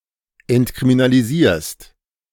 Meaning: second-person singular present of entkriminalisieren
- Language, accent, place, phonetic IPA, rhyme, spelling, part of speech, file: German, Germany, Berlin, [ɛntkʁiminaliˈziːɐ̯st], -iːɐ̯st, entkriminalisierst, verb, De-entkriminalisierst.ogg